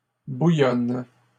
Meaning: second-person singular present indicative/subjunctive of bouillonner
- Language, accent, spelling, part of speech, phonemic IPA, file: French, Canada, bouillonnes, verb, /bu.jɔn/, LL-Q150 (fra)-bouillonnes.wav